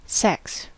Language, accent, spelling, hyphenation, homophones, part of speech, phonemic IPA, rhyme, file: English, US, sex, sex, secs, noun / verb, /ˈsɛks/, -ɛks, En-us-sex.ogg